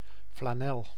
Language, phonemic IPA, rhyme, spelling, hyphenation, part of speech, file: Dutch, /flaːˈnɛl/, -ɛl, flanel, fla‧nel, noun, Nl-flanel.ogg
- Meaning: flannel (cloth material)